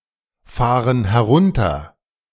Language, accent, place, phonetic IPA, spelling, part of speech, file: German, Germany, Berlin, [ˌfaːʁən hɛˈʁʊntɐ], fahren herunter, verb, De-fahren herunter.ogg
- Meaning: inflection of herunterfahren: 1. first/third-person plural present 2. first/third-person plural subjunctive I